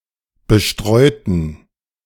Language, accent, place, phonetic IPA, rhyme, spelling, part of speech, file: German, Germany, Berlin, [bəˈʃtʁɔɪ̯tn̩], -ɔɪ̯tn̩, bestreuten, adjective / verb, De-bestreuten.ogg
- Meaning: inflection of bestreuen: 1. first/third-person plural preterite 2. first/third-person plural subjunctive II